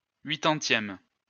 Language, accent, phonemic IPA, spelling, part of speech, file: French, France, /ɥi.tɑ̃.tjɛm/, huitantième, adjective / noun, LL-Q150 (fra)-huitantième.wav
- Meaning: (adjective) eightieth